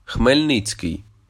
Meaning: 1. a surname, Khmelnytskyi 2. Khmelnytskyi (a city in Ukraine)
- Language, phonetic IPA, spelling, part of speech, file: Ukrainian, [xmelʲˈnɪt͡sʲkei̯], Хмельницький, proper noun, Uk-Хмельницький.oga